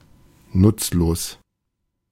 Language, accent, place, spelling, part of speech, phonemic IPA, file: German, Germany, Berlin, nutzlos, adjective, /ˈnʊtsloːs/, De-nutzlos.ogg
- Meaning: useless